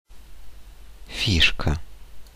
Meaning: 1. piece, counter, dib, marker, peg, token 2. invention, contrivance, device, (funny or special) idea 3. feature, peculiarity
- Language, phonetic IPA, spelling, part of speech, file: Russian, [ˈfʲiʂkə], фишка, noun, Ru-фишка.ogg